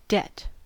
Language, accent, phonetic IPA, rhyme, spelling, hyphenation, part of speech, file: English, US, [ˈdɛt], -ɛt, debt, debt, noun, En-us-debt.ogg
- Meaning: 1. An action, state of mind, or object one has an obligation to perform for another, adopt toward another, or give to another 2. The state or condition of owing something to another